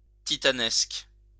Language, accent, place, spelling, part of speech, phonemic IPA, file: French, France, Lyon, titanesque, adjective, /ti.ta.nɛsk/, LL-Q150 (fra)-titanesque.wav
- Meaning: Titanic, Herculean